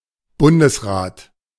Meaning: a federal council, especially: the federal council of the Federal Republic of Germany, of Austria, of Switzerland, or of the German Empire
- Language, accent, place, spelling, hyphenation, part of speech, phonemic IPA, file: German, Germany, Berlin, Bundesrat, Bun‧des‧rat, noun, /ˈbʊndəsˌʁaːt/, De-Bundesrat.ogg